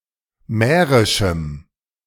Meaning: strong dative masculine/neuter singular of mährisch
- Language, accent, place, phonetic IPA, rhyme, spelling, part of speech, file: German, Germany, Berlin, [ˈmɛːʁɪʃm̩], -ɛːʁɪʃm̩, mährischem, adjective, De-mährischem.ogg